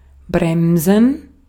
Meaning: to brake, slow down, decelerate
- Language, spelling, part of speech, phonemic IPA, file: German, bremsen, verb, /ˈbʁɛmzən/, De-at-bremsen.ogg